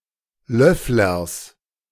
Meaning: genitive singular of Löffler
- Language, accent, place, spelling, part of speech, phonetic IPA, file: German, Germany, Berlin, Löfflers, noun, [ˈlœflɐs], De-Löfflers.ogg